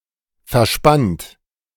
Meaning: 1. past participle of verspannen 2. inflection of verspannen: third-person singular present 3. inflection of verspannen: second-person plural present 4. inflection of verspannen: plural imperative
- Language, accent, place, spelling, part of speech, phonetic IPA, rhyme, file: German, Germany, Berlin, verspannt, verb, [fɛɐ̯ˈʃpant], -ant, De-verspannt.ogg